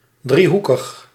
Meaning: triangular
- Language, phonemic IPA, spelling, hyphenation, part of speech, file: Dutch, /ˌdriˈɦu.kəx/, driehoekig, drie‧hoe‧kig, adjective, Nl-driehoekig.ogg